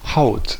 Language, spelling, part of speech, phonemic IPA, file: German, Haut, noun, /haʊt/, De-Haut.ogg
- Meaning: 1. skin, hide of a person, animal or (part of a) plant 2. a creature, especially a person 3. skin (membrane found on the surface of an object, like a sausage)